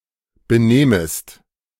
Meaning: second-person singular subjunctive I of benehmen
- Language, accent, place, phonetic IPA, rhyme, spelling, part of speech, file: German, Germany, Berlin, [bəˈneːməst], -eːməst, benehmest, verb, De-benehmest.ogg